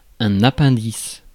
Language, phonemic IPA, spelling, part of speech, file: French, /a.pɛ̃.dis/, appendice, noun, Fr-appendice.ogg
- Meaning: 1. appendix (vermiform appendix) 2. appendix (text added to the end of a book or an article)